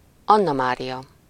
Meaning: a female given name, equivalent to English Anne Marie
- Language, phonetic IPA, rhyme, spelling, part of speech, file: Hungarian, [ˈɒnːɒmaːrijɒ], -jɒ, Annamária, proper noun, Hu-Annamária.ogg